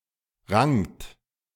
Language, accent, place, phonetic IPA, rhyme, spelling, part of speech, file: German, Germany, Berlin, [ʁaŋt], -aŋt, rangt, verb, De-rangt.ogg
- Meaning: second-person plural preterite of ringen